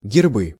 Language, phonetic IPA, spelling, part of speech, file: Russian, [ɡʲɪrˈbɨ], гербы, noun, Ru-гербы.ogg
- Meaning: nominative/accusative plural of герб (gerb)